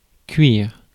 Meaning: 1. to cook 2. inflection of cuirer: first/third-person singular present indicative/subjunctive 3. inflection of cuirer: second-person singular imperative
- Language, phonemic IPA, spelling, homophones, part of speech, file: French, /kɥiʁ/, cuire, cuir / cuirs, verb, Fr-cuire.ogg